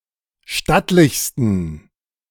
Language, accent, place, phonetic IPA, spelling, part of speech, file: German, Germany, Berlin, [ˈʃtatlɪçstn̩], stattlichsten, adjective, De-stattlichsten.ogg
- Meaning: 1. superlative degree of stattlich 2. inflection of stattlich: strong genitive masculine/neuter singular superlative degree